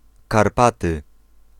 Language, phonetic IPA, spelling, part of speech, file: Polish, [karˈpatɨ], Karpaty, proper noun, Pl-Karpaty.ogg